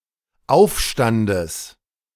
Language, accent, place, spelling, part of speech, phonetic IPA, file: German, Germany, Berlin, Aufstandes, noun, [ˈaʊ̯fˌʃtandəs], De-Aufstandes.ogg
- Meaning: genitive singular of Aufstand